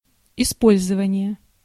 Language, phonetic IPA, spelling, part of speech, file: Russian, [ɪˈspolʲzəvənʲɪje], использование, noun, Ru-использование.ogg
- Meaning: 1. use, usage 2. utilization